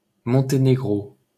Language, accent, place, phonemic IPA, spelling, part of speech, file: French, France, Paris, /mɔ̃.te.ne.ɡʁo/, Monténégro, proper noun, LL-Q150 (fra)-Monténégro.wav
- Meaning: Montenegro (a country on the Balkan Peninsula in Southeastern Europe)